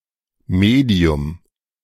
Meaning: 1. media, medium (format for communicating or presenting information) 2. medium (the nature of the surrounding environment, e.g. solid, liquid, gas, vacuum or a specific substance)
- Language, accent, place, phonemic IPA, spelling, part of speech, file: German, Germany, Berlin, /ˈmeːdi̯ʊm/, Medium, noun, De-Medium.ogg